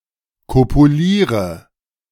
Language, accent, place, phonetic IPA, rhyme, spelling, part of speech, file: German, Germany, Berlin, [ˌkopuˈliːʁə], -iːʁə, kopuliere, verb, De-kopuliere.ogg
- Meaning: inflection of kopulieren: 1. first-person singular present 2. first/third-person singular subjunctive I 3. singular imperative